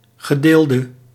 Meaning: inflection of gedeeld: 1. masculine/feminine singular attributive 2. definite neuter singular attributive 3. plural attributive
- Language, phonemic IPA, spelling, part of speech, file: Dutch, /ɣəˈdeldə/, gedeelde, verb / adjective, Nl-gedeelde.ogg